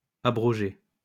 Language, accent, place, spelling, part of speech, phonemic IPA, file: French, France, Lyon, abrogez, verb, /a.bʁɔ.ʒe/, LL-Q150 (fra)-abrogez.wav
- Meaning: inflection of abroger: 1. second-person plural present indicative 2. second-person plural imperative